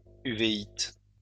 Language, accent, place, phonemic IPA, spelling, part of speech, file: French, France, Lyon, /y.ve.it/, uvéite, noun, LL-Q150 (fra)-uvéite.wav
- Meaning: uveitis